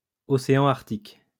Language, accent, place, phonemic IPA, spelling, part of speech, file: French, France, Lyon, /ɔ.se.ɑ̃ aʁk.tik/, océan Arctique, proper noun, LL-Q150 (fra)-océan Arctique.wav
- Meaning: Arctic Ocean (the smallest of the five oceans of the Earth, on and around the North Pole, bordered by the three continents of Asia, Europe and North America)